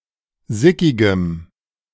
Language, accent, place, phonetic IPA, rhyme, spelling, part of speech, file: German, Germany, Berlin, [ˈzɪkɪɡəm], -ɪkɪɡəm, sickigem, adjective, De-sickigem.ogg
- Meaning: strong dative masculine/neuter singular of sickig